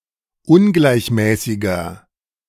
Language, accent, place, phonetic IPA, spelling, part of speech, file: German, Germany, Berlin, [ˈʊnɡlaɪ̯çˌmɛːsɪɡɐ], ungleichmäßiger, adjective, De-ungleichmäßiger.ogg
- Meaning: inflection of ungleichmäßig: 1. strong/mixed nominative masculine singular 2. strong genitive/dative feminine singular 3. strong genitive plural